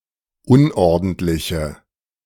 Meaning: inflection of unordentlich: 1. strong/mixed nominative/accusative feminine singular 2. strong nominative/accusative plural 3. weak nominative all-gender singular
- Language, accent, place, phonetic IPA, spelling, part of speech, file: German, Germany, Berlin, [ˈʊnʔɔʁdn̩tlɪçə], unordentliche, adjective, De-unordentliche.ogg